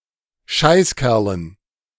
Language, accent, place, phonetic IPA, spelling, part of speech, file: German, Germany, Berlin, [ˈʃaɪ̯sˌkɛʁlən], Scheißkerlen, noun, De-Scheißkerlen.ogg
- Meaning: dative plural of Scheißkerl